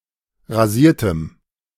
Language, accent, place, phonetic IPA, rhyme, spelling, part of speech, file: German, Germany, Berlin, [ʁaˈziːɐ̯təm], -iːɐ̯təm, rasiertem, adjective, De-rasiertem.ogg
- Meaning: strong dative masculine/neuter singular of rasiert